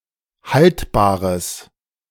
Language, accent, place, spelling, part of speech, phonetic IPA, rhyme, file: German, Germany, Berlin, haltbares, adjective, [ˈhaltbaːʁəs], -altbaːʁəs, De-haltbares.ogg
- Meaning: strong/mixed nominative/accusative neuter singular of haltbar